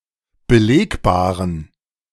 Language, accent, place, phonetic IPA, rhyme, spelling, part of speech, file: German, Germany, Berlin, [bəˈleːkbaːʁən], -eːkbaːʁən, belegbaren, adjective, De-belegbaren.ogg
- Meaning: inflection of belegbar: 1. strong genitive masculine/neuter singular 2. weak/mixed genitive/dative all-gender singular 3. strong/weak/mixed accusative masculine singular 4. strong dative plural